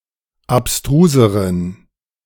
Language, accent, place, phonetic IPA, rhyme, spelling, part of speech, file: German, Germany, Berlin, [apˈstʁuːzəʁən], -uːzəʁən, abstruseren, adjective, De-abstruseren.ogg
- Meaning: inflection of abstrus: 1. strong genitive masculine/neuter singular comparative degree 2. weak/mixed genitive/dative all-gender singular comparative degree